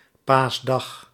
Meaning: Easter Day
- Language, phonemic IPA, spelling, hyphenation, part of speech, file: Dutch, /ˈpaːs.dɑx/, paasdag, paas‧dag, noun, Nl-paasdag.ogg